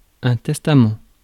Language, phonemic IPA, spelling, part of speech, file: French, /tɛs.ta.mɑ̃/, testament, noun, Fr-testament.ogg
- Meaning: 1. testament, last will 2. legacy